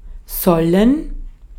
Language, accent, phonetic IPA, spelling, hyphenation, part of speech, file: German, Austria, [sɔln̩], sollen, sol‧len, verb, De-at-sollen.ogg
- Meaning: 1. should; to be obligated (to do something); ought; shall 2. to be recommended (to do something); to be asked (to do something) 3. to be intended (to do something); to be meant (to be something)